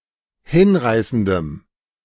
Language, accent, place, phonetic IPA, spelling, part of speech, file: German, Germany, Berlin, [ˈhɪnˌʁaɪ̯sn̩dəm], hinreißendem, adjective, De-hinreißendem.ogg
- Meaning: strong dative masculine/neuter singular of hinreißend